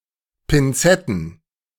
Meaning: plural of Pinzette
- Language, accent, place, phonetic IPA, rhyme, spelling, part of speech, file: German, Germany, Berlin, [pɪnˈt͡sɛtn̩], -ɛtn̩, Pinzetten, noun, De-Pinzetten.ogg